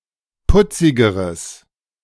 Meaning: strong/mixed nominative/accusative neuter singular comparative degree of putzig
- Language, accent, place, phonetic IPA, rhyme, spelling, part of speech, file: German, Germany, Berlin, [ˈpʊt͡sɪɡəʁəs], -ʊt͡sɪɡəʁəs, putzigeres, adjective, De-putzigeres.ogg